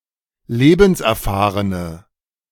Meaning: inflection of lebenserfahren: 1. strong/mixed nominative/accusative feminine singular 2. strong nominative/accusative plural 3. weak nominative all-gender singular
- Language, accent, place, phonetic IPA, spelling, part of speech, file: German, Germany, Berlin, [ˈleːbn̩sʔɛɐ̯ˌfaːʁənə], lebenserfahrene, adjective, De-lebenserfahrene.ogg